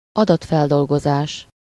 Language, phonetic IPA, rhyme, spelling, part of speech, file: Hungarian, [ˈɒdɒtfɛldolɡozaːʃ], -aːʃ, adatfeldolgozás, noun, Hu-adatfeldolgozás.ogg
- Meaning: data processing